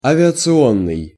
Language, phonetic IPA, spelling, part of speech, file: Russian, [ɐvʲɪət͡sɨˈonːɨj], авиационный, adjective, Ru-авиационный.ogg
- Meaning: aviation, aircraft